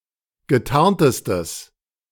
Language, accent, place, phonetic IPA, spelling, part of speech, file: German, Germany, Berlin, [ɡəˈtaʁntəstəs], getarntestes, adjective, De-getarntestes.ogg
- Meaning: strong/mixed nominative/accusative neuter singular superlative degree of getarnt